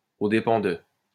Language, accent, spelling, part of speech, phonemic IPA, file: French, France, aux dépens de, preposition, /o de.pɑ̃ də/, LL-Q150 (fra)-aux dépens de.wav
- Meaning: at the expense of (someone)